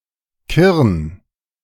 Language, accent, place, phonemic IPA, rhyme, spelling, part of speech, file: German, Germany, Berlin, /kɪʁn/, -ɪʁn, Kirn, proper noun, De-Kirn.ogg
- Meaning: a municipality of Rhineland-Palatinate, Germany